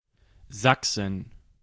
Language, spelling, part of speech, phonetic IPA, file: German, Sachsen, proper noun / noun, [ˈzaksən], De-Sachsen.ogg
- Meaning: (proper noun) 1. Saxony (a state of modern Germany, located in the east, far from historical Saxon lands) 2. Saxony (a historical region and former duchy in north-central Germany)